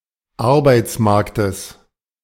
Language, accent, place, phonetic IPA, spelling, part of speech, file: German, Germany, Berlin, [ˈaʁbaɪ̯t͡sˌmaʁktəs], Arbeitsmarktes, noun, De-Arbeitsmarktes.ogg
- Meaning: genitive singular of Arbeitsmarkt